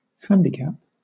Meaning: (noun) Something that prevents, hampers, or hinders
- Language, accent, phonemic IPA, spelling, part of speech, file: English, Southern England, /ˈhændikæp/, handicap, noun / verb, LL-Q1860 (eng)-handicap.wav